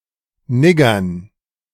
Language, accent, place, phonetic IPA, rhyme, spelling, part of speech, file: German, Germany, Berlin, [ˈnɪɡɐn], -ɪɡɐn, Niggern, noun, De-Niggern.ogg
- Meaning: dative plural of Nigger